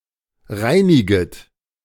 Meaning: second-person plural subjunctive I of reinigen
- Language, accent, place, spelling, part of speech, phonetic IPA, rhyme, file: German, Germany, Berlin, reiniget, verb, [ˈʁaɪ̯nɪɡət], -aɪ̯nɪɡət, De-reiniget.ogg